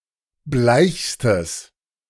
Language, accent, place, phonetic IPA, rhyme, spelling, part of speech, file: German, Germany, Berlin, [ˈblaɪ̯çstəs], -aɪ̯çstəs, bleichstes, adjective, De-bleichstes.ogg
- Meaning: strong/mixed nominative/accusative neuter singular superlative degree of bleich